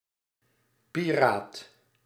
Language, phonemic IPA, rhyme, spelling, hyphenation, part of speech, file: Dutch, /piˈraːt/, -aːt, piraat, pi‧raat, noun, Nl-piraat.ogg
- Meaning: 1. a pirate, one who plunders at sea 2. a copyright pirate, who produces/ trades in illegal copies of protected products 3. a radio pirate